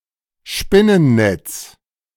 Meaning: cobweb; spider web; especially one that has just been made or is still used by a spider
- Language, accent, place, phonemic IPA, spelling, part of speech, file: German, Germany, Berlin, /ˈʃpɪnənˌnɛts/, Spinnennetz, noun, De-Spinnennetz.ogg